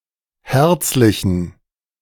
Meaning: inflection of herzlich: 1. strong genitive masculine/neuter singular 2. weak/mixed genitive/dative all-gender singular 3. strong/weak/mixed accusative masculine singular 4. strong dative plural
- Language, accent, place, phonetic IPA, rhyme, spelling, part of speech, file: German, Germany, Berlin, [ˈhɛʁt͡slɪçn̩], -ɛʁt͡slɪçn̩, herzlichen, adjective, De-herzlichen.ogg